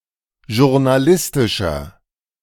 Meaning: inflection of journalistisch: 1. strong/mixed nominative masculine singular 2. strong genitive/dative feminine singular 3. strong genitive plural
- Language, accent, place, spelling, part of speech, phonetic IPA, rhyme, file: German, Germany, Berlin, journalistischer, adjective, [ʒʊʁnaˈlɪstɪʃɐ], -ɪstɪʃɐ, De-journalistischer.ogg